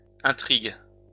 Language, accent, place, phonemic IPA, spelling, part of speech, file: French, France, Lyon, /ɛ̃.tʁiɡ/, intrigues, noun / verb, LL-Q150 (fra)-intrigues.wav
- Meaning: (noun) plural of intrigue; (verb) second-person singular present indicative/subjunctive of intriguer